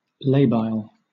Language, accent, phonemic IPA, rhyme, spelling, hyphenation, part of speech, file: English, Southern England, /ˈleɪ.baɪl/, -eɪbaɪl, labile, la‧bile, adjective, LL-Q1860 (eng)-labile.wav
- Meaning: 1. Liable to slip, err, fall, or apostatize 2. Apt or likely to change 3. Of a compound or bond, kinetically unstable; rapidly cleaved (and possibly reformed)